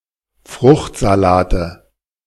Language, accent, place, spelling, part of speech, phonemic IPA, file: German, Germany, Berlin, Fruchtsalate, noun, /ˈfʁʊxtzaˌlaːtə/, De-Fruchtsalate.ogg
- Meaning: nominative/accusative/genitive plural of Fruchtsalat